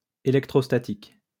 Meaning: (adjective) electrostatic; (noun) electrostatics
- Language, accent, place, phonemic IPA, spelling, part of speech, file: French, France, Lyon, /e.lɛk.tʁos.ta.tik/, électrostatique, adjective / noun, LL-Q150 (fra)-électrostatique.wav